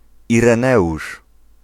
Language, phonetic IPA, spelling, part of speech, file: Polish, [ˌirɛ̃ˈnɛʷuʃ], Ireneusz, proper noun, Pl-Ireneusz.ogg